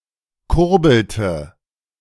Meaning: inflection of kurbeln: 1. first/third-person singular preterite 2. first/third-person singular subjunctive II
- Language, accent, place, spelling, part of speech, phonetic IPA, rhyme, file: German, Germany, Berlin, kurbelte, verb, [ˈkʊʁbl̩tə], -ʊʁbl̩tə, De-kurbelte.ogg